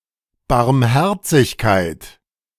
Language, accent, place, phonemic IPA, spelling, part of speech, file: German, Germany, Berlin, /baʁmˈhɛʁt͡sɪçkaɪ̯t/, Barmherzigkeit, noun, De-Barmherzigkeit.ogg
- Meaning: mercy, compassion